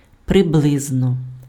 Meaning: approximately, roughly, about
- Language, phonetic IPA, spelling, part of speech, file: Ukrainian, [preˈbɫɪznɔ], приблизно, adverb, Uk-приблизно.ogg